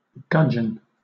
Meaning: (noun) 1. A small freshwater fish of species Gobio gobio, native to Eurasia 2. Cottus bairdii, more widely known as mottled sculpin
- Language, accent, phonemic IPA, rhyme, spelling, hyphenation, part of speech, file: English, Southern England, /ˈɡʌdʒən/, -ʌdʒən, gudgeon, gud‧geon, noun / verb, LL-Q1860 (eng)-gudgeon.wav